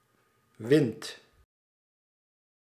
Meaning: inflection of winnen: 1. second/third-person singular present indicative 2. plural imperative
- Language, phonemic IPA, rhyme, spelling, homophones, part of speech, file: Dutch, /ʋɪnt/, -ɪnt, wint, wind, verb, Nl-wint.ogg